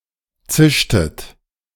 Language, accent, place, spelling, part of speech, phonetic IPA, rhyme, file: German, Germany, Berlin, zischtet, verb, [ˈt͡sɪʃtət], -ɪʃtət, De-zischtet.ogg
- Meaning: inflection of zischen: 1. second-person plural preterite 2. second-person plural subjunctive II